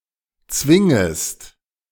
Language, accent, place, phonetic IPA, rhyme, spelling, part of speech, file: German, Germany, Berlin, [ˈt͡svɪŋəst], -ɪŋəst, zwingest, verb, De-zwingest.ogg
- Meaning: second-person singular subjunctive I of zwingen